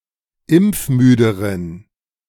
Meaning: inflection of impfmüde: 1. strong genitive masculine/neuter singular comparative degree 2. weak/mixed genitive/dative all-gender singular comparative degree
- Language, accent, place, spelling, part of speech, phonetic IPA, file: German, Germany, Berlin, impfmüderen, adjective, [ˈɪmp͡fˌmyːdəʁən], De-impfmüderen.ogg